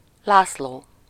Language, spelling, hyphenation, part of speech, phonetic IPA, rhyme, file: Hungarian, László, Lász‧ló, proper noun, [ˈlaːsloː], -loː, Hu-László.ogg
- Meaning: 1. a male given name 2. a surname